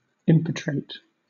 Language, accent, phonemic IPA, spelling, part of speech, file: English, Southern England, /ˈɪmpɪtɹeɪt/, impetrate, verb / adjective, LL-Q1860 (eng)-impetrate.wav
- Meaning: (verb) 1. To obtain by asking; to procure upon request 2. To ask for, demand; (adjective) 1. Impetrated 2. Obtained by entreaty